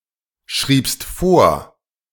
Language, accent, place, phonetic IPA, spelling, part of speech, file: German, Germany, Berlin, [ˌʃʁiːpst ˈfoːɐ̯], schriebst vor, verb, De-schriebst vor.ogg
- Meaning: second-person singular preterite of vorschreiben